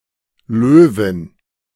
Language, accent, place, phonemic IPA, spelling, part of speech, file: German, Germany, Berlin, /ˈløːvɪn/, Löwin, noun, De-Löwin.ogg
- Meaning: lioness